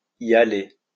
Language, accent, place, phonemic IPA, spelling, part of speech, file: French, France, Lyon, /i.j‿a.le/, y aller, verb, LL-Q150 (fra)-y aller.wav
- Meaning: 1. to leave; to depart 2. to go about something, to proceed in a certain manner